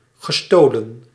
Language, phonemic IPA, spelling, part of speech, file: Dutch, /ɣəˈstolə(n)/, gestolen, verb / adjective, Nl-gestolen.ogg
- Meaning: past participle of stelen